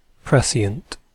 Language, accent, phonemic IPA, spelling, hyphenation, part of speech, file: English, Received Pronunciation, /ˈpɹɛsiənt/, prescient, pre‧scient, adjective, En-uk-prescient.ogg
- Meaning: Exhibiting or possessing prescience: having knowledge of, or seemingly able to correctly predict, events before they take place